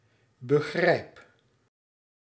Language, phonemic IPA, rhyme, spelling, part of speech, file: Dutch, /bə.ˈɣrɛi̯p/, -ɛi̯p, begrijp, verb, Nl-begrijp.ogg
- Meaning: inflection of begrijpen: 1. first-person singular present indicative 2. second-person singular present indicative 3. imperative